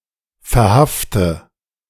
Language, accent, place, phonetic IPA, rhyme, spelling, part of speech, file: German, Germany, Berlin, [fɛɐ̯ˈhaftə], -aftə, verhafte, verb, De-verhafte.ogg
- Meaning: inflection of verhaften: 1. first-person singular present 2. singular imperative 3. first/third-person singular subjunctive I